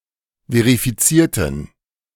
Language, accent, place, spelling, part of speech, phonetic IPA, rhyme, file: German, Germany, Berlin, verifizierten, adjective / verb, [veʁifiˈt͡siːɐ̯tn̩], -iːɐ̯tn̩, De-verifizierten.ogg
- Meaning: inflection of verifizieren: 1. first/third-person plural preterite 2. first/third-person plural subjunctive II